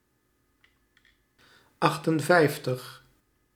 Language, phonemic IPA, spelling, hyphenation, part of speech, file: Dutch, /ˈɑxtənˌvɛi̯ftəx/, achtenvijftig, acht‧en‧vijf‧tig, numeral, Nl-achtenvijftig.ogg
- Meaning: fifty-eight